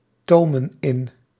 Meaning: inflection of intomen: 1. plural present indicative 2. plural present subjunctive
- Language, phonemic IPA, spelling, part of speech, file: Dutch, /ˈtomə(n) ˈɪn/, tomen in, verb, Nl-tomen in.ogg